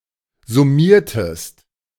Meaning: inflection of summieren: 1. second-person singular preterite 2. second-person singular subjunctive II
- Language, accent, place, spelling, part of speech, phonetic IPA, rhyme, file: German, Germany, Berlin, summiertest, verb, [zʊˈmiːɐ̯təst], -iːɐ̯təst, De-summiertest.ogg